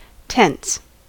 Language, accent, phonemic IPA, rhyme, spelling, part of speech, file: English, US, /tɛns/, -ɛns, tense, noun / verb / adjective, En-us-tense.ogg
- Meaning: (noun) 1. The property of indicating the point in time at which an action or state of being occurs or exists 2. An inflected form of a verb that indicates tense 3. A grammatical aspect